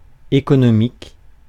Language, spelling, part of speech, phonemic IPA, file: French, économique, adjective, /e.kɔ.nɔ.mik/, Fr-économique.ogg
- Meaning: 1. economy; economic 2. economic (frugal)